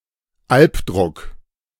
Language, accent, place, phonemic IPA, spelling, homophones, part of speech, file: German, Germany, Berlin, /ˈalpˌdʁʊk/, Alpdruck, Albdruck, noun, De-Alpdruck.ogg
- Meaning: nightmare